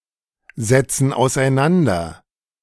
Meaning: inflection of auseinandersetzen: 1. first/third-person plural present 2. first/third-person plural subjunctive I
- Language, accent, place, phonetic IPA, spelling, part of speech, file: German, Germany, Berlin, [zɛt͡sn̩ aʊ̯sʔaɪ̯ˈnandɐ], setzen auseinander, verb, De-setzen auseinander.ogg